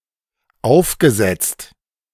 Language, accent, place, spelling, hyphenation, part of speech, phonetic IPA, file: German, Germany, Berlin, aufgesetzt, auf‧ge‧setzt, verb / adjective, [ˈaʊ̯fɡəˌzɛt͡st], De-aufgesetzt.ogg
- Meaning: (verb) past participle of aufsetzen; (adjective) 1. insincere, fake 2. executed such that the muzzle is in direct contact with a body